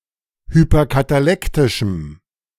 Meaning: strong dative masculine/neuter singular of hyperkatalektisch
- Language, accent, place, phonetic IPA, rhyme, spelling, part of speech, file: German, Germany, Berlin, [hypɐkataˈlɛktɪʃm̩], -ɛktɪʃm̩, hyperkatalektischem, adjective, De-hyperkatalektischem.ogg